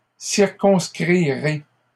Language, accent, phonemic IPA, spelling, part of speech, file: French, Canada, /siʁ.kɔ̃s.kʁi.ʁe/, circonscrirez, verb, LL-Q150 (fra)-circonscrirez.wav
- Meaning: second-person plural future of circonscrire